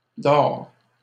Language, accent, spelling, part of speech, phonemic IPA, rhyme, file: French, Canada, dors, verb, /dɔʁ/, -ɔʁ, LL-Q150 (fra)-dors.wav
- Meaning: inflection of dormir: 1. first/second-person singular present indicative 2. second-person singular imperative